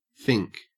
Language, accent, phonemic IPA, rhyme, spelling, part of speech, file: English, Australia, /fɪŋk/, -ɪŋk, fink, noun / verb, En-au-fink.ogg
- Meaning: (noun) 1. A contemptible person 2. An informer 3. A strikebreaker; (verb) 1. To betray a trust; to inform on 2. Pronunciation spelling of think